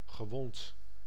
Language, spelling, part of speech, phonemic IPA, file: Dutch, gewond, verb / adjective, /ɣəˈwɔnt/, Nl-gewond.ogg
- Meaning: past participle of wonden